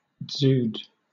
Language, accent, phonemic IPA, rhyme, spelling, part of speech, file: English, Southern England, /(d)zuːd/, -uːd, dzud, noun, LL-Q1860 (eng)-dzud.wav
- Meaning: An ecological crisis in the steppe-land of Mongolia and Central Asia causing loss of livestock, for example a drought, or a severe winter in which snow or ice block animals' access to the grass